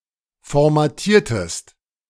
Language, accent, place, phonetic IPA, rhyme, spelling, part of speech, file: German, Germany, Berlin, [fɔʁmaˈtiːɐ̯təst], -iːɐ̯təst, formatiertest, verb, De-formatiertest.ogg
- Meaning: inflection of formatieren: 1. second-person singular preterite 2. second-person singular subjunctive II